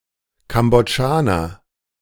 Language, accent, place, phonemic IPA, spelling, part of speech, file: German, Germany, Berlin, /kambɔˈdʒaːnɐ/, Kambodschaner, noun, De-Kambodschaner.ogg
- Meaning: Cambodian (a person from Cambodia or of Cambodian descent)